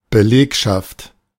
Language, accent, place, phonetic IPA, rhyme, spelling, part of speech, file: German, Germany, Berlin, [bəˈleːkʃaft], -eːkʃaft, Belegschaft, noun, De-Belegschaft.ogg
- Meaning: 1. workforce, labour force 2. staff, personnel